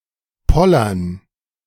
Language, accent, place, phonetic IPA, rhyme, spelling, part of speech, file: German, Germany, Berlin, [ˈpɔlɐn], -ɔlɐn, Pollern, noun, De-Pollern.ogg
- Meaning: dative plural of Poller